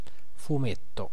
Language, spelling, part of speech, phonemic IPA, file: Italian, fumetto, noun, /fuˈmetto/, It-fumetto.ogg